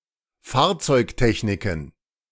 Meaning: plural of Fahrzeugtechnik
- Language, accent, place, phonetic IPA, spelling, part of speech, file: German, Germany, Berlin, [ˈfaːɐ̯t͡sɔɪ̯kˌtɛçnɪkn̩], Fahrzeugtechniken, noun, De-Fahrzeugtechniken.ogg